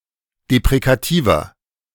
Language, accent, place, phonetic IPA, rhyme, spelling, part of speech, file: German, Germany, Berlin, [depʁekaˈtiːvɐ], -iːvɐ, deprekativer, adjective, De-deprekativer.ogg
- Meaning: inflection of deprekativ: 1. strong/mixed nominative masculine singular 2. strong genitive/dative feminine singular 3. strong genitive plural